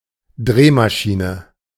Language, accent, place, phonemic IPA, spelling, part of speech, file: German, Germany, Berlin, /ˈdʁeːmaʃinə/, Drehmaschine, noun, De-Drehmaschine.ogg
- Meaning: lathe (machine tool used to shape a piece of material)